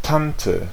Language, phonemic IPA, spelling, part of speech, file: German, /ˈtantə/, Tante, noun, De-Tante.ogg
- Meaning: 1. aunt 2. woman, broad